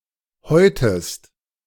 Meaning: inflection of häuten: 1. second-person singular present 2. second-person singular subjunctive I
- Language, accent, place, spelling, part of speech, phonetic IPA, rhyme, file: German, Germany, Berlin, häutest, verb, [ˈhɔɪ̯təst], -ɔɪ̯təst, De-häutest.ogg